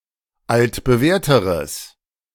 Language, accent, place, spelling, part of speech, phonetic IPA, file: German, Germany, Berlin, altbewährteres, adjective, [ˌaltbəˈvɛːɐ̯təʁəs], De-altbewährteres.ogg
- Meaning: strong/mixed nominative/accusative neuter singular comparative degree of altbewährt